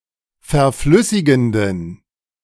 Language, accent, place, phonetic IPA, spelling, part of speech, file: German, Germany, Berlin, [fɛɐ̯ˈflʏsɪɡn̩dən], verflüssigenden, adjective, De-verflüssigenden.ogg
- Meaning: inflection of verflüssigend: 1. strong genitive masculine/neuter singular 2. weak/mixed genitive/dative all-gender singular 3. strong/weak/mixed accusative masculine singular 4. strong dative plural